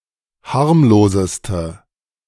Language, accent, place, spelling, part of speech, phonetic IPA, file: German, Germany, Berlin, harmloseste, adjective, [ˈhaʁmloːzəstə], De-harmloseste.ogg
- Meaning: inflection of harmlos: 1. strong/mixed nominative/accusative feminine singular superlative degree 2. strong nominative/accusative plural superlative degree